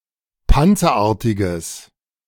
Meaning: strong/mixed nominative/accusative neuter singular of panzerartig
- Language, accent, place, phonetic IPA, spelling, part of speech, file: German, Germany, Berlin, [ˈpant͡sɐˌʔaːɐ̯tɪɡəs], panzerartiges, adjective, De-panzerartiges.ogg